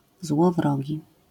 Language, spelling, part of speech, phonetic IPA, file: Polish, złowrogi, adjective, [zwɔvˈrɔɟi], LL-Q809 (pol)-złowrogi.wav